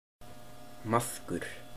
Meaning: maggot, worm
- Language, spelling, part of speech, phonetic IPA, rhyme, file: Icelandic, maðkur, noun, [ˈmaθkʏr], -aθkʏr, Is-maðkur.oga